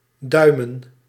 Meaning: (verb) 1. to put one or both thumbs up, notably as a gesture of approval or when hitchhiking to ask for a ride 2. to twiddle one's thumbs 3. to keep one's fingers crossed (i.e. to show support)
- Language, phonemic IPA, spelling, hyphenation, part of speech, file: Dutch, /ˈdœy̯mə(n)/, duimen, dui‧men, verb / noun, Nl-duimen.ogg